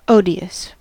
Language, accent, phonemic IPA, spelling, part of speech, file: English, US, /ˈoʊ.di.əs/, odious, adjective, En-us-odious.ogg
- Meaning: Arousing or meriting strong dislike, aversion, or intense displeasure